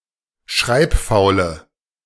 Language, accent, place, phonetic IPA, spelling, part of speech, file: German, Germany, Berlin, [ˈʃʁaɪ̯pˌfaʊ̯lə], schreibfaule, adjective, De-schreibfaule.ogg
- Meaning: inflection of schreibfaul: 1. strong/mixed nominative/accusative feminine singular 2. strong nominative/accusative plural 3. weak nominative all-gender singular